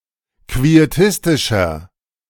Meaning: 1. comparative degree of quietistisch 2. inflection of quietistisch: strong/mixed nominative masculine singular 3. inflection of quietistisch: strong genitive/dative feminine singular
- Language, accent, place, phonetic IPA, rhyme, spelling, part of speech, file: German, Germany, Berlin, [kvieˈtɪstɪʃɐ], -ɪstɪʃɐ, quietistischer, adjective, De-quietistischer.ogg